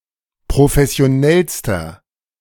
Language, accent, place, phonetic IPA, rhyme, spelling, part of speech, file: German, Germany, Berlin, [pʁofɛsi̯oˈnɛlstɐ], -ɛlstɐ, professionellster, adjective, De-professionellster.ogg
- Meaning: inflection of professionell: 1. strong/mixed nominative masculine singular superlative degree 2. strong genitive/dative feminine singular superlative degree